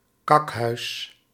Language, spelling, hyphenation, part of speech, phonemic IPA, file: Dutch, kakhuis, kak‧huis, noun, /ˈkɑk.ɦœy̯s/, Nl-kakhuis.ogg
- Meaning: 1. craphouse, privy, outhouse (toilet in a separate outbuilding) 2. loo, shitter (coarse term for any toilet) 3. whore, hooker